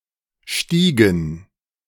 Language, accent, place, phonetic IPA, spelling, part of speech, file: German, Germany, Berlin, [ˈʃtiːɡŋ̩], Stiegen, noun, De-Stiegen.ogg
- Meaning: 1. plural of Stiege 2. dative plural of Stieg